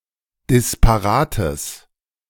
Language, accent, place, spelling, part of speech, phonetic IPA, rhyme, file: German, Germany, Berlin, disparates, adjective, [dɪspaˈʁaːtəs], -aːtəs, De-disparates.ogg
- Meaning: strong/mixed nominative/accusative neuter singular of disparat